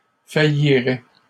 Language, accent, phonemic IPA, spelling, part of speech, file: French, Canada, /fa.ji.ʁɛ/, faillirais, verb, LL-Q150 (fra)-faillirais.wav
- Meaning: first/second-person singular conditional of faillir